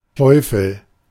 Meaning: 1. the Devil, Satan (supreme evil spirit in the Abrahamic religions) 2. a devil, satan (a creature of hell, a demon, a fallen angel) 3. a devil, satan (an evil person)
- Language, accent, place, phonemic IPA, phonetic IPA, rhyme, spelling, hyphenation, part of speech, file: German, Germany, Berlin, /ˈtɔɪ̯fəl/, [ˈtʰɔʏ.fl̩], -ɔɪ̯fəl, Teufel, Teu‧fel, noun, De-Teufel.ogg